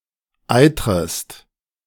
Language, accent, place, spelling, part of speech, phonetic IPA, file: German, Germany, Berlin, eitrest, verb, [ˈaɪ̯tʁəst], De-eitrest.ogg
- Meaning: second-person singular subjunctive I of eitern